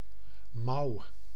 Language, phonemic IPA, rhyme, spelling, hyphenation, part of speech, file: Dutch, /mɑu̯/, -ɑu̯, mouw, mouw, noun, Nl-mouw.ogg
- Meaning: sleeve